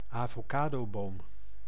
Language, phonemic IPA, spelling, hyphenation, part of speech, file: Dutch, /aː.voːˈkaː.doːˌboːm/, avocadoboom, avo‧ca‧do‧boom, noun, Nl-avocadoboom.ogg
- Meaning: avocado (tree)